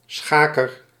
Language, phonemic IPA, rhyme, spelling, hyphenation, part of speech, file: Dutch, /ˈsxaː.kər/, -aːkər, schaker, scha‧ker, noun, Nl-schaker.ogg
- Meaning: 1. a chess player 2. a kidnapper, particularly of women or girls 3. a robber, a bandit